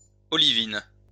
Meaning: olivine
- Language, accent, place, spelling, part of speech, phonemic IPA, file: French, France, Lyon, olivine, noun, /ɔ.li.vin/, LL-Q150 (fra)-olivine.wav